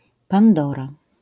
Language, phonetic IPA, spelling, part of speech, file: Polish, [pãnˈdɔra], Pandora, proper noun, LL-Q809 (pol)-Pandora.wav